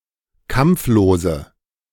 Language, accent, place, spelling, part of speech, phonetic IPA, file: German, Germany, Berlin, kampflose, adjective, [ˈkamp͡floːzə], De-kampflose.ogg
- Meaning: inflection of kampflos: 1. strong/mixed nominative/accusative feminine singular 2. strong nominative/accusative plural 3. weak nominative all-gender singular